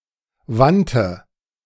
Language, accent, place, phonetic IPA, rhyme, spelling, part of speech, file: German, Germany, Berlin, [ˈvantə], -antə, wandte, verb, De-wandte.ogg
- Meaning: first/third-person singular preterite of wenden